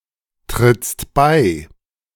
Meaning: second-person singular present of beitreten
- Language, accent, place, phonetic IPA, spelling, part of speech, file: German, Germany, Berlin, [tʁɪt͡st ˈbaɪ̯], trittst bei, verb, De-trittst bei.ogg